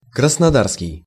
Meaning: Krasnodar
- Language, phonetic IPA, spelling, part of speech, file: Russian, [krəsnɐˈdarskʲɪj], краснодарский, adjective, Ru-краснодарский.ogg